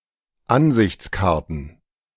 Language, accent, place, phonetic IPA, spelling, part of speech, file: German, Germany, Berlin, [ˈanzɪçt͡sˌkaʁtn̩], Ansichtskarten, noun, De-Ansichtskarten.ogg
- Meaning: plural of Ansichtskarte